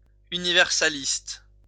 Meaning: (adjective) universalist
- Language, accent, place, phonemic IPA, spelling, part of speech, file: French, France, Lyon, /y.ni.vɛʁ.sa.list/, universaliste, adjective / noun, LL-Q150 (fra)-universaliste.wav